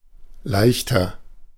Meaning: 1. comparative degree of leicht 2. inflection of leicht: strong/mixed nominative masculine singular 3. inflection of leicht: strong genitive/dative feminine singular
- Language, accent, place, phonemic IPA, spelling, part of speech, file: German, Germany, Berlin, /ˈlaɪ̯çtɐ/, leichter, adjective, De-leichter.ogg